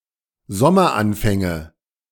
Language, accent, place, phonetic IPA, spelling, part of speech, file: German, Germany, Berlin, [ˈzɔmɐˌʔanfɛŋə], Sommeranfänge, noun, De-Sommeranfänge.ogg
- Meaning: nominative/accusative/genitive plural of Sommeranfang